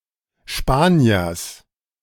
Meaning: genitive singular of Spanier
- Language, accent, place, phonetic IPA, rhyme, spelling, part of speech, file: German, Germany, Berlin, [ˈʃpaːni̯ɐs], -aːni̯ɐs, Spaniers, noun, De-Spaniers.ogg